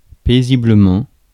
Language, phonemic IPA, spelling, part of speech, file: French, /pe.zi.blə.mɑ̃/, paisiblement, adverb, Fr-paisiblement.ogg
- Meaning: peacefully